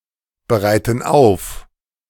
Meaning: inflection of aufbereiten: 1. first/third-person plural present 2. first/third-person plural subjunctive I
- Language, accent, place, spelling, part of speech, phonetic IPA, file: German, Germany, Berlin, bereiten auf, verb, [bəˌʁaɪ̯tn̩ ˈaʊ̯f], De-bereiten auf.ogg